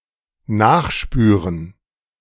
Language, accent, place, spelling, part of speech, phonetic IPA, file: German, Germany, Berlin, nachspüren, verb, [ˈnaːxˌʃpyːʁən], De-nachspüren.ogg
- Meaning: 1. to track down 2. to look into 3. to sleuth